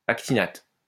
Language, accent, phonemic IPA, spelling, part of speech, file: French, France, /ak.ti.nat/, actinate, noun, LL-Q150 (fra)-actinate.wav
- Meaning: actinate